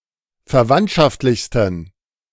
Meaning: 1. superlative degree of verwandtschaftlich 2. inflection of verwandtschaftlich: strong genitive masculine/neuter singular superlative degree
- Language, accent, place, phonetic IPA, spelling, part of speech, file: German, Germany, Berlin, [fɛɐ̯ˈvantʃaftlɪçstn̩], verwandtschaftlichsten, adjective, De-verwandtschaftlichsten.ogg